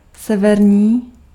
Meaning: north, northern
- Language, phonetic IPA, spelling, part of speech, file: Czech, [ˈsɛvɛrɲiː], severní, adjective, Cs-severní.ogg